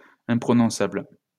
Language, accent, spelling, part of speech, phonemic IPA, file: French, France, imprononçable, adjective, /ɛ̃.pʁɔ.nɔ̃.sabl/, LL-Q150 (fra)-imprononçable.wav
- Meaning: unpronounceable